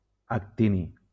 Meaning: actinium
- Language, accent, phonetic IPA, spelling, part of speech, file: Catalan, Valencia, [akˈti.ni], actini, noun, LL-Q7026 (cat)-actini.wav